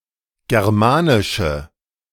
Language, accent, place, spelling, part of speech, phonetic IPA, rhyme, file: German, Germany, Berlin, germanische, adjective, [ˌɡɛʁˈmaːnɪʃə], -aːnɪʃə, De-germanische.ogg
- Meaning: inflection of germanisch: 1. strong/mixed nominative/accusative feminine singular 2. strong nominative/accusative plural 3. weak nominative all-gender singular